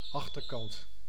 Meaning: 1. the backside, rear-end of an object etc 2. the reverse of a roughly symmetrical object which has a distinct front
- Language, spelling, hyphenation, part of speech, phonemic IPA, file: Dutch, achterkant, ach‧ter‧kant, noun, /ˈɑxtərˌkɑnt/, Nl-achterkant.ogg